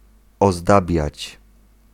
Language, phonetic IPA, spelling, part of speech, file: Polish, [ɔzˈdabʲjät͡ɕ], ozdabiać, verb, Pl-ozdabiać.ogg